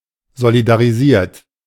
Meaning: 1. past participle of solidarisieren 2. inflection of solidarisieren: third-person singular present 3. inflection of solidarisieren: second-person plural present
- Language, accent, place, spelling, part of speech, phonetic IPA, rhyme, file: German, Germany, Berlin, solidarisiert, verb, [zolidaʁiˈziːɐ̯t], -iːɐ̯t, De-solidarisiert.ogg